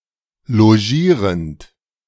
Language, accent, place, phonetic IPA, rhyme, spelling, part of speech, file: German, Germany, Berlin, [loˈʒiːʁənt], -iːʁənt, logierend, verb, De-logierend.ogg
- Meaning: present participle of logieren